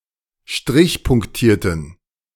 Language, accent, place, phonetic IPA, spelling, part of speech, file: German, Germany, Berlin, [ˈʃtʁɪçpʊŋkˌtiːɐ̯tn̩], strichpunktierten, adjective / verb, De-strichpunktierten.ogg
- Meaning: inflection of strichpunktiert: 1. strong genitive masculine/neuter singular 2. weak/mixed genitive/dative all-gender singular 3. strong/weak/mixed accusative masculine singular 4. strong dative plural